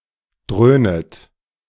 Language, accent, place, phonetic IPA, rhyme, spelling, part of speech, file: German, Germany, Berlin, [ˈdʁøːnət], -øːnət, dröhnet, verb, De-dröhnet.ogg
- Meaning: second-person plural subjunctive I of dröhnen